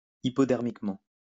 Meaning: hypodermically
- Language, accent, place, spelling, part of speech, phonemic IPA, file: French, France, Lyon, hypodermiquement, adverb, /i.pɔ.dɛʁ.mik.mɑ̃/, LL-Q150 (fra)-hypodermiquement.wav